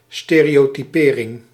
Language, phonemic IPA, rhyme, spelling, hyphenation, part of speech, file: Dutch, /ˌsteː.reː.oː.tiˈpeː.rɪŋ/, -eːrɪŋ, stereotypering, ste‧reo‧ty‧pe‧ring, noun, Nl-stereotypering.ogg
- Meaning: 1. the act of stereotyping, conforming views about an individual to generalised opinions on groups 2. a stereotype